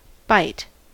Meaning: A short sequence of bits (binary digits) that can be operated on as a unit by a computer; the smallest usable machine word
- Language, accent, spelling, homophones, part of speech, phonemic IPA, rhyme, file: English, US, byte, bight / bite / by't, noun, /baɪt/, -aɪt, En-us-byte.ogg